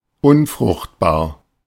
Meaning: 1. infertile 2. fruitless
- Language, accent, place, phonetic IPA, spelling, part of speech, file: German, Germany, Berlin, [ˈʊnfʁʊxtbaːɐ̯], unfruchtbar, adjective, De-unfruchtbar.ogg